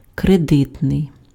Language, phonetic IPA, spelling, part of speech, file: Ukrainian, [kreˈdɪtnei̯], кредитний, adjective, Uk-кредитний.ogg
- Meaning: credit (attributive)